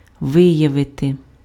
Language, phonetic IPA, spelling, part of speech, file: Ukrainian, [ˈʋɪjɐʋete], виявити, verb, Uk-виявити.ogg
- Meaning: 1. to show, to manifest, to display, to evince 2. to reveal, to uncover, to disclose, to bring to light 3. to discover, to detect